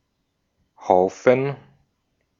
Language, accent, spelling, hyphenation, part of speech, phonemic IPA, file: German, Austria, Haufen, Hau‧fen, noun, /ˈhaʊ̯fən/, De-at-Haufen.ogg
- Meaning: 1. heap, hive, pile 2. crowd, lot, group 3. feces, turd